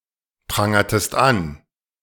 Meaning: inflection of anprangern: 1. second-person singular preterite 2. second-person singular subjunctive II
- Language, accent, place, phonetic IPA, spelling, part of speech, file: German, Germany, Berlin, [ˌpʁaŋɐtəst ˈan], prangertest an, verb, De-prangertest an.ogg